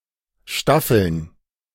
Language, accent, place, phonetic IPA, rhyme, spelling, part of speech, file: German, Germany, Berlin, [ˈʃtafl̩n], -afl̩n, Staffeln, noun, De-Staffeln.ogg
- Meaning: plural of Staffel